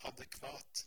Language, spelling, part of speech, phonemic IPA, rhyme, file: Norwegian Bokmål, adekvat, adjective, /ɑdəkʋɑːt/, -ɑːt, No-adekvat.ogg
- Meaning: adequate (equal to some requirement)